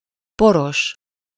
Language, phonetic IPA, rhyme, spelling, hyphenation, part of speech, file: Hungarian, [ˈporoʃ], -oʃ, poros, po‧ros, adjective, Hu-poros.ogg
- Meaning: dusty (covered with dust)